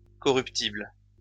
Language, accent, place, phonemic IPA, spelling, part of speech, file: French, France, Lyon, /kɔ.ʁyp.tibl/, corruptible, adjective, LL-Q150 (fra)-corruptible.wav
- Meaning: corruptible